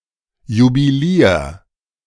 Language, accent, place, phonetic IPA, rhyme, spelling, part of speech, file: German, Germany, Berlin, [jubiˈliːɐ̯], -iːɐ̯, jubilier, verb, De-jubilier.ogg
- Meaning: 1. singular imperative of jubilieren 2. first-person singular present of jubilieren